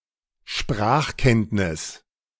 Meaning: language proficiency
- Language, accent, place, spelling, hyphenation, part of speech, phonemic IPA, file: German, Germany, Berlin, Sprachkenntnis, Sprach‧kennt‧nis, noun, /ˈʃpʁaːxˌkɛntnɪs/, De-Sprachkenntnis.ogg